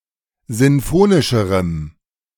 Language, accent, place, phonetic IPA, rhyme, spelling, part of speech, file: German, Germany, Berlin, [ˌzɪnˈfoːnɪʃəʁəm], -oːnɪʃəʁəm, sinfonischerem, adjective, De-sinfonischerem.ogg
- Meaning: strong dative masculine/neuter singular comparative degree of sinfonisch